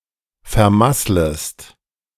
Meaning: second-person singular subjunctive I of vermasseln
- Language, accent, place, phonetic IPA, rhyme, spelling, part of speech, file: German, Germany, Berlin, [fɛɐ̯ˈmasləst], -asləst, vermasslest, verb, De-vermasslest.ogg